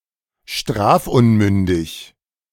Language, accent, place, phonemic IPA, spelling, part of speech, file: German, Germany, Berlin, /ˈʃtʁaːfˌmʏndɪç/, strafunmündig, adjective, De-strafunmündig.ogg
- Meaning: not yet old enough to be punished